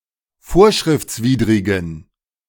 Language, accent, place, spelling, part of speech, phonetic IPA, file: German, Germany, Berlin, vorschriftswidrigen, adjective, [ˈfoːɐ̯ʃʁɪft͡sˌviːdʁɪɡn̩], De-vorschriftswidrigen.ogg
- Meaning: inflection of vorschriftswidrig: 1. strong genitive masculine/neuter singular 2. weak/mixed genitive/dative all-gender singular 3. strong/weak/mixed accusative masculine singular